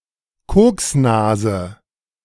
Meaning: 1. habitual user of cocaine 2. coke nose
- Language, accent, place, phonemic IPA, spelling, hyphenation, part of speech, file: German, Germany, Berlin, /ˈkoːksˌnaːzə/, Koksnase, Koks‧na‧se, noun, De-Koksnase.ogg